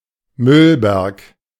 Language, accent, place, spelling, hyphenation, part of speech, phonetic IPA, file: German, Germany, Berlin, Müllberg, Müll‧berg, noun, [ˈmʏlˌbɛʁk], De-Müllberg.ogg
- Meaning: A garbage pile; a huge pile of rubbish or garbage